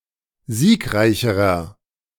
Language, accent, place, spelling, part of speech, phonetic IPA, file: German, Germany, Berlin, siegreicherer, adjective, [ˈziːkˌʁaɪ̯çəʁɐ], De-siegreicherer.ogg
- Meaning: inflection of siegreich: 1. strong/mixed nominative masculine singular comparative degree 2. strong genitive/dative feminine singular comparative degree 3. strong genitive plural comparative degree